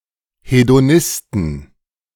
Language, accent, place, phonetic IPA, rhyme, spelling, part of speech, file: German, Germany, Berlin, [hedoˈnɪstn̩], -ɪstn̩, Hedonisten, noun, De-Hedonisten.ogg
- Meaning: 1. genitive singular of Hedonist 2. plural of Hedonist